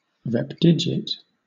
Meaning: A number composed only of one or more occurrences of one specific digit and no other digit
- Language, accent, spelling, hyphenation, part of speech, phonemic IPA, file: English, Southern England, repdigit, rep‧di‧git, noun, /ˈɹɛpˌdɪd͡ʒɪt/, LL-Q1860 (eng)-repdigit.wav